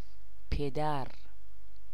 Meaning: father
- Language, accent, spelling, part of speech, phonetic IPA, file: Persian, Iran, پدر, noun, [pʰe.d̪ǽɹ], Fa-پدر.ogg